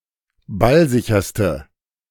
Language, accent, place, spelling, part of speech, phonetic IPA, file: German, Germany, Berlin, ballsicherste, adjective, [ˈbalˌzɪçɐstə], De-ballsicherste.ogg
- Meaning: inflection of ballsicher: 1. strong/mixed nominative/accusative feminine singular superlative degree 2. strong nominative/accusative plural superlative degree